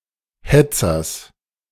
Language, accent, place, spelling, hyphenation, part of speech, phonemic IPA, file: German, Germany, Berlin, Hetzers, Het‧zers, noun, /ˈhɛt͡sɐs/, De-Hetzers.ogg
- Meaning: genitive singular of Hetzer